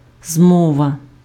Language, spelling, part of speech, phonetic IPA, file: Ukrainian, змова, noun, [ˈzmɔʋɐ], Uk-змова.ogg
- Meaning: conspiracy, plot, collusion